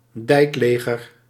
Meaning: organisation of inspectors who patrol dikes at highwater or patrol duty during periods of highwater
- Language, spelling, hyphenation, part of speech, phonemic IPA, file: Dutch, dijkleger, dijk‧le‧ger, noun, /ˈdɛi̯kˌleː.ɣər/, Nl-dijkleger.ogg